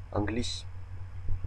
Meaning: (noun) 1. an English person 2. the English language; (adjective) English (originating from England)
- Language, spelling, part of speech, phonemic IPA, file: Malagasy, anglisy, noun / adjective, /ãŋˈɡliʂ/, Mg-anglisy.ogg